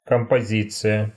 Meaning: 1. composition 2. arrangement, layout
- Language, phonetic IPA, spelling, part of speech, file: Russian, [kəmpɐˈzʲit͡sɨjə], композиция, noun, Ru-композиция.ogg